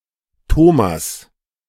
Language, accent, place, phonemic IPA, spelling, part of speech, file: German, Germany, Berlin, /ˈtoː.mas/, Thomas, proper noun, De-Thomas.ogg
- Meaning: 1. Thomas (biblical figure) 2. a male given name originating from the Bible 3. a surname originating as a patronymic